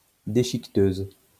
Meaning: shredder
- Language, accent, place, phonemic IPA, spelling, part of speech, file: French, France, Lyon, /de.ʃik.tøz/, déchiqueteuse, noun, LL-Q150 (fra)-déchiqueteuse.wav